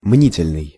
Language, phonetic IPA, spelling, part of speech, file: Russian, [ˈmnʲitʲɪlʲnɨj], мнительный, adjective, Ru-мнительный.ogg
- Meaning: 1. mistrustful, suspicious 2. hypochondriac